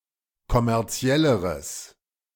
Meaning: strong/mixed nominative/accusative neuter singular comparative degree of kommerziell
- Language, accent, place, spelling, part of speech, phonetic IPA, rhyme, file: German, Germany, Berlin, kommerzielleres, adjective, [kɔmɛʁˈt͡si̯ɛləʁəs], -ɛləʁəs, De-kommerzielleres.ogg